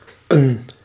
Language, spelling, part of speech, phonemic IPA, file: Dutch, 'n, article, /ən/, Nl-'n.ogg
- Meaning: contraction of een